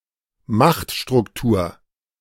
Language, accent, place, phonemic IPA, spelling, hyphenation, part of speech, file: German, Germany, Berlin, /ˈmaxtʃtʁʊkˌtuːɐ̯/, Machtstruktur, Macht‧struk‧tur, noun, De-Machtstruktur.ogg
- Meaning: power structure